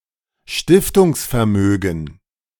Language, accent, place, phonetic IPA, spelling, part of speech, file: German, Germany, Berlin, [ˈʃtɪftʊŋsfɛɐ̯ˌmøːɡn̩], Stiftungsvermögen, noun, De-Stiftungsvermögen.ogg
- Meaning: endowment capital, endowment fund